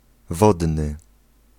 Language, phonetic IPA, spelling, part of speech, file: Polish, [ˈvɔdnɨ], wodny, adjective, Pl-wodny.ogg